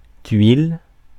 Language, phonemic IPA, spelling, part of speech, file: French, /tɥil/, tuile, noun / verb, Fr-tuile.ogg
- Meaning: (noun) 1. tile 2. bad luck, misfortune 3. tuile (thin cookie); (verb) inflection of tuiler: 1. first/third-person singular present indicative 2. second-person singular imperative